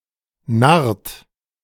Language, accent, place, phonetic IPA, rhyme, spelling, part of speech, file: German, Germany, Berlin, [naʁt], -aʁt, narrt, verb, De-narrt.ogg
- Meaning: inflection of narren: 1. third-person singular present 2. second-person plural present 3. plural imperative